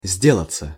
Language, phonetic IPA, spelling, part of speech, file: Russian, [ˈzʲdʲeɫət͡sə], сделаться, verb, Ru-сделаться.ogg
- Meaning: 1. to become, to get, to grow, to turn 2. to happen (with, to), to be going on 3. passive of сде́лать (sdélatʹ)